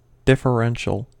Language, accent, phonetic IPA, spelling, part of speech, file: English, US, [dɪfəˈɹənʃəɫ], differential, adjective / noun, En-us-differential.ogg
- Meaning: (adjective) 1. Of or pertaining to a difference 2. Dependent on, or making a difference; distinctive 3. Having differences in speed or direction of motion